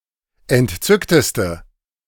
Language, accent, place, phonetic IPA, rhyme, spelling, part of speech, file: German, Germany, Berlin, [ɛntˈt͡sʏktəstə], -ʏktəstə, entzückteste, adjective, De-entzückteste.ogg
- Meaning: inflection of entzückt: 1. strong/mixed nominative/accusative feminine singular superlative degree 2. strong nominative/accusative plural superlative degree